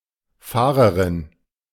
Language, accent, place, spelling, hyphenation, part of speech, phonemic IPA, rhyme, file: German, Germany, Berlin, Fahrerin, Fah‧re‧rin, noun, /ˈfaːʁəʁɪn/, -aːʁəʁɪn, De-Fahrerin.ogg
- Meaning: female equivalent of Fahrer